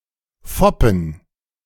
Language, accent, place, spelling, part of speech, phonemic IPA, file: German, Germany, Berlin, foppen, verb, /ˈfɔpən/, De-foppen2.ogg
- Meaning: to put on, to tease, to hoax